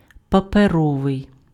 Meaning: paper (attributive)
- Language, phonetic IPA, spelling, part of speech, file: Ukrainian, [pɐpeˈrɔʋei̯], паперовий, adjective, Uk-паперовий.ogg